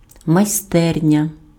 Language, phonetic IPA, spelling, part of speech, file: Ukrainian, [mɐi̯ˈstɛrnʲɐ], майстерня, noun, Uk-майстерня.ogg
- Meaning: 1. workshop 2. atelier, artist's studio